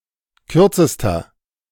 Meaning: inflection of kurz: 1. strong/mixed nominative masculine singular superlative degree 2. strong genitive/dative feminine singular superlative degree 3. strong genitive plural superlative degree
- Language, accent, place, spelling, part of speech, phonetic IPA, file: German, Germany, Berlin, kürzester, adjective, [ˈkʏʁt͡səstɐ], De-kürzester.ogg